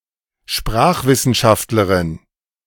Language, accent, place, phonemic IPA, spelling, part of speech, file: German, Germany, Berlin, /ˈʃpʁaːχˌvɪsənʃaftlɐʁɪn/, Sprachwissenschaftlerin, noun, De-Sprachwissenschaftlerin.ogg
- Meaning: female equivalent of Sprachwissenschaftler (“linguist”)